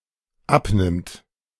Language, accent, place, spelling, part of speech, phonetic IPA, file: German, Germany, Berlin, abnimmt, verb, [ˈapˌnɪmt], De-abnimmt.ogg
- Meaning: third-person singular dependent present of abnehmen